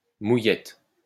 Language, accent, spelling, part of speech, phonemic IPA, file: French, France, mouillette, noun, /mu.jɛt/, LL-Q150 (fra)-mouillette.wav
- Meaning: soldier (piece of bread to dip into a boiled egg)